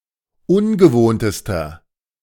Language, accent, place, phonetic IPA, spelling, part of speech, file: German, Germany, Berlin, [ˈʊnɡəˌvoːntəstɐ], ungewohntester, adjective, De-ungewohntester.ogg
- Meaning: inflection of ungewohnt: 1. strong/mixed nominative masculine singular superlative degree 2. strong genitive/dative feminine singular superlative degree 3. strong genitive plural superlative degree